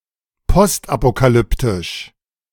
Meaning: post-apocalyptic
- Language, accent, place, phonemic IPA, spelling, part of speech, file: German, Germany, Berlin, /ˈpɔstʔapokaˌlʏptɪʃ/, postapokalyptisch, adjective, De-postapokalyptisch.ogg